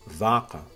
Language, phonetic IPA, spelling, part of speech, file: Kabardian, [vaːqa], вакъэ, noun, Vaːqa.ogg
- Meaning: 1. shoe 2. footwear